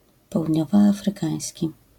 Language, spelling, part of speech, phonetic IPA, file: Polish, południowoafrykański, adjective, [ˌpɔwudʲˈɲɔvɔˌafrɨˈkãj̃sʲci], LL-Q809 (pol)-południowoafrykański.wav